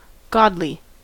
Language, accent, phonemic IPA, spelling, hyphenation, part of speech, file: English, US, /ˈɡɑdli/, godly, god‧ly, adjective / adverb, En-us-godly.ogg
- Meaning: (adjective) 1. Of or pertaining to a god 2. Devoted to a god or God; devout; holy; righteous 3. Gloriously good; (adverb) In a godly manner; piously; devoutly; righteously